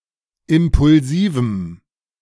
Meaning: strong dative masculine/neuter singular of impulsiv
- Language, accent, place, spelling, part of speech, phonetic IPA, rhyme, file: German, Germany, Berlin, impulsivem, adjective, [ˌɪmpʊlˈziːvm̩], -iːvm̩, De-impulsivem.ogg